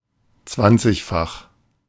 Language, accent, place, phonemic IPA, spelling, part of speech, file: German, Germany, Berlin, /ˈt͡svant͡sɪçˌfax/, zwanzigfach, adjective, De-zwanzigfach.ogg
- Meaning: twentyfold